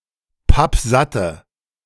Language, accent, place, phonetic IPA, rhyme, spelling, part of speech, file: German, Germany, Berlin, [ˈpapˈzatə], -atə, pappsatte, adjective, De-pappsatte.ogg
- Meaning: inflection of pappsatt: 1. strong/mixed nominative/accusative feminine singular 2. strong nominative/accusative plural 3. weak nominative all-gender singular